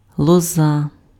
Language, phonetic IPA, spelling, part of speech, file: Ukrainian, [ɫɔˈza], лоза, noun, Uk-лоза.ogg
- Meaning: willow, osier